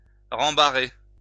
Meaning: to rebuff, snub
- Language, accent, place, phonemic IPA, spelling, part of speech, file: French, France, Lyon, /ʁɑ̃.ba.ʁe/, rembarrer, verb, LL-Q150 (fra)-rembarrer.wav